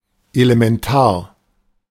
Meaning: 1. fundamental; essential; vital 2. basic; elementary
- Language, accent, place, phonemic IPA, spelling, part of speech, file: German, Germany, Berlin, /e.le.mɛnˈtaːr/, elementar, adjective, De-elementar.ogg